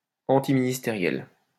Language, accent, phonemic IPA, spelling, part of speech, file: French, France, /ɑ̃.ti.mi.nis.te.ʁjɛl/, antiministériel, adjective, LL-Q150 (fra)-antiministériel.wav
- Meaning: antiministerial